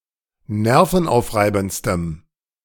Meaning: strong dative masculine/neuter singular superlative degree of nervenaufreibend
- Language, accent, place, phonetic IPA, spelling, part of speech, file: German, Germany, Berlin, [ˈnɛʁfn̩ˌʔaʊ̯fʁaɪ̯bn̩t͡stəm], nervenaufreibendstem, adjective, De-nervenaufreibendstem.ogg